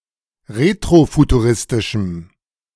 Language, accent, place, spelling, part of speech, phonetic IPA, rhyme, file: German, Germany, Berlin, retrofuturistischem, adjective, [ˌʁetʁofutuˈʁɪstɪʃm̩], -ɪstɪʃm̩, De-retrofuturistischem.ogg
- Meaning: strong dative masculine/neuter singular of retrofuturistisch